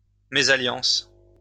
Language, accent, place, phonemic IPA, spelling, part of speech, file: French, France, Lyon, /me.za.ljɑ̃s/, mésalliance, noun, LL-Q150 (fra)-mésalliance.wav
- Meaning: misalliance, mésalliance